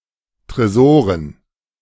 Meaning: dative plural of Tresor
- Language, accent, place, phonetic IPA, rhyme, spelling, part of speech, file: German, Germany, Berlin, [tʁeˈzoːʁən], -oːʁən, Tresoren, noun, De-Tresoren.ogg